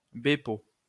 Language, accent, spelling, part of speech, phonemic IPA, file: French, France, bépo, noun, /be.po/, LL-Q150 (fra)-bépo.wav
- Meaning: the French equivalent of the Dvorak Simplified Keyboard